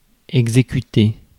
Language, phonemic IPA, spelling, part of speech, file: French, /ɛɡ.ze.ky.te/, exécuter, verb, Fr-exécuter.ogg
- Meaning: 1. to execute; to carry out 2. to execute (to kill as punishment) 3. to comply 4. to perform (contract)